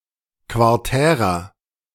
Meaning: inflection of quartär: 1. strong/mixed nominative masculine singular 2. strong genitive/dative feminine singular 3. strong genitive plural
- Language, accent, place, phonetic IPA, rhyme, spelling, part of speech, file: German, Germany, Berlin, [kvaʁˈtɛːʁɐ], -ɛːʁɐ, quartärer, adjective, De-quartärer.ogg